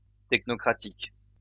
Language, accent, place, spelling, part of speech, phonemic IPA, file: French, France, Lyon, technocratique, adjective, /tɛk.nɔ.kʁa.tik/, LL-Q150 (fra)-technocratique.wav
- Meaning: technocratic